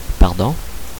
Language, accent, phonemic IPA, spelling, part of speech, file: French, Quebec, /paʁ.dɔ̃/, pardon, interjection / noun, Qc-pardon.ogg
- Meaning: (interjection) 1. excuse me 2. sorry; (noun) pardon, forgiveness